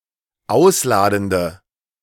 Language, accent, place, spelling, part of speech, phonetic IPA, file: German, Germany, Berlin, ausladende, adjective, [ˈaʊ̯sˌlaːdn̩də], De-ausladende.ogg
- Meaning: inflection of ausladend: 1. strong/mixed nominative/accusative feminine singular 2. strong nominative/accusative plural 3. weak nominative all-gender singular